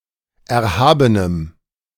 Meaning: strong dative masculine/neuter singular of erhaben
- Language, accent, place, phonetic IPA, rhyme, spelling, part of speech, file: German, Germany, Berlin, [ˌɛɐ̯ˈhaːbənəm], -aːbənəm, erhabenem, adjective, De-erhabenem.ogg